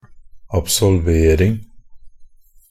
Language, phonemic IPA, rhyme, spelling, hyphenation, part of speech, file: Norwegian Bokmål, /absɔlˈʋeːrɪŋ/, -ɪŋ, absolvering, ab‧sol‧ver‧ing, noun, NB - Pronunciation of Norwegian Bokmål «absolvering».ogg
- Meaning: the act of absolving